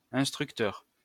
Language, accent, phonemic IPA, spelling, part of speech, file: French, France, /ɛ̃s.tʁyk.tœʁ/, instructeur, noun, LL-Q150 (fra)-instructeur.wav
- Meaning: instructor, teacher, trainer